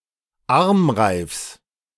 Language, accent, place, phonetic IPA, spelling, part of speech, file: German, Germany, Berlin, [ˈaʁmˌʁaɪ̯fs], Armreifs, noun, De-Armreifs.ogg
- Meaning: genitive singular of Armreif